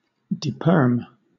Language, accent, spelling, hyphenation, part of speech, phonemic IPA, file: English, Southern England, deperm, de‧perm, verb / noun, /diːˈpɜːm/, LL-Q1860 (eng)-deperm.wav
- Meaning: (verb) To degauss or demagnetize; especially, to degauss a ship by dragging a large powered electrical cable along its side; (noun) The act or process of deperming